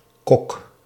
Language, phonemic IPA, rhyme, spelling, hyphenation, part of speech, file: Dutch, /kɔk/, -ɔk, Kok, Kok, proper noun, Nl-Kok.ogg
- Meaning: a surname originating as an occupation, meaning cook